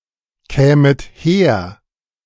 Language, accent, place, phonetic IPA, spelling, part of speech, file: German, Germany, Berlin, [ˌkɛːmət ˈheːɐ̯], kämet her, verb, De-kämet her.ogg
- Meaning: second-person plural subjunctive I of herkommen